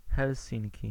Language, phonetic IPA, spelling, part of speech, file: Polish, [xɛlˈsʲĩnʲci], Helsinki, proper noun, Pl-Helsinki.ogg